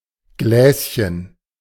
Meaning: diminutive of Glas
- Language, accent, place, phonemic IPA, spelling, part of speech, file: German, Germany, Berlin, /ˈɡlɛːsçən/, Gläschen, noun, De-Gläschen.ogg